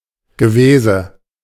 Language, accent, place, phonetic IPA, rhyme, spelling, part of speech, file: German, Germany, Berlin, [ɡəˈveːzə], -eːzə, Gewese, noun, De-Gewese.ogg
- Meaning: fuss (excessive activity, worry, bother, or talk about something)